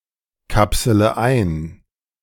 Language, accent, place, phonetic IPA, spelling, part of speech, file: German, Germany, Berlin, [ˌkapsələ ˈaɪ̯n], kapsele ein, verb, De-kapsele ein.ogg
- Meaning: inflection of einkapseln: 1. first-person singular present 2. first/third-person singular subjunctive I 3. singular imperative